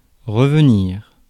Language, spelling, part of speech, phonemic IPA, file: French, revenir, verb, /ʁə.v(ə).niʁ/, Fr-revenir.ogg
- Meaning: 1. to come back, to return 2. to grow back 3. to recur, to be mentioned repeatedly 4. to come to mind, to be remembered 5. to recant, to go back on 6. to brown 7. to go to as what is due